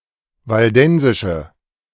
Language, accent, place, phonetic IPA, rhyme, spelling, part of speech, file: German, Germany, Berlin, [valˈdɛnzɪʃə], -ɛnzɪʃə, waldensische, adjective, De-waldensische.ogg
- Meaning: inflection of waldensisch: 1. strong/mixed nominative/accusative feminine singular 2. strong nominative/accusative plural 3. weak nominative all-gender singular